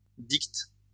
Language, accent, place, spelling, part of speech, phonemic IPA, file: French, France, Lyon, dicte, verb, /dikt/, LL-Q150 (fra)-dicte.wav
- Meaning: inflection of dicter: 1. first/third-person singular present indicative/subjunctive 2. second-person singular imperative